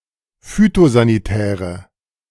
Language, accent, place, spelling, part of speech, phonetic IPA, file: German, Germany, Berlin, phytosanitäre, adjective, [ˈfyːtozaniˌtɛːʁə], De-phytosanitäre.ogg
- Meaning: inflection of phytosanitär: 1. strong/mixed nominative/accusative feminine singular 2. strong nominative/accusative plural 3. weak nominative all-gender singular